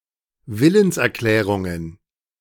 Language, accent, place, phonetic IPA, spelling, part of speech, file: German, Germany, Berlin, [ˈvɪlənsʔɛɐ̯ˌklɛːʁʊŋən], Willenserklärungen, noun, De-Willenserklärungen.ogg
- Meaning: plural of Willenserklärung